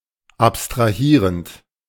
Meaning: present participle of abstrahieren
- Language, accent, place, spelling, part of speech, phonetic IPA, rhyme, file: German, Germany, Berlin, abstrahierend, verb, [ˌapstʁaˈhiːʁənt], -iːʁənt, De-abstrahierend.ogg